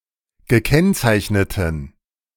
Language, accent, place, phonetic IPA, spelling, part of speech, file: German, Germany, Berlin, [ɡəˈkɛnt͡saɪ̯çnətn̩], gekennzeichneten, adjective, De-gekennzeichneten.ogg
- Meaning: inflection of gekennzeichnet: 1. strong genitive masculine/neuter singular 2. weak/mixed genitive/dative all-gender singular 3. strong/weak/mixed accusative masculine singular 4. strong dative plural